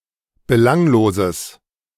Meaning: strong/mixed nominative/accusative neuter singular of belanglos
- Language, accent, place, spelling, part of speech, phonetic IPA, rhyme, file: German, Germany, Berlin, belangloses, adjective, [bəˈlaŋloːzəs], -aŋloːzəs, De-belangloses.ogg